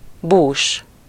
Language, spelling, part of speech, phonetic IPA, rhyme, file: Hungarian, bús, adjective, [ˈbuːʃ], -uːʃ, Hu-bús.ogg
- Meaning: sad, sorrowful